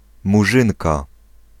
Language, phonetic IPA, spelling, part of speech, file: Polish, [muˈʒɨ̃nka], Murzynka, noun, Pl-Murzynka.ogg